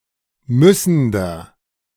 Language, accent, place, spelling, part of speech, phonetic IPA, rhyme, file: German, Germany, Berlin, müssender, adjective, [ˈmʏsn̩dɐ], -ʏsn̩dɐ, De-müssender.ogg
- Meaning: inflection of müssend: 1. strong/mixed nominative masculine singular 2. strong genitive/dative feminine singular 3. strong genitive plural